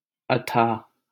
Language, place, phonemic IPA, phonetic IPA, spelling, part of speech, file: Hindi, Delhi, /ə.t̪ʰɑːɦ/, [ɐ.t̪ʰäːʱ], अथाह, adjective / noun, LL-Q1568 (hin)-अथाह.wav
- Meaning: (adjective) 1. unfathomable, immeasurable 2. bottomless, endless 3. deep, abysmal; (noun) abyss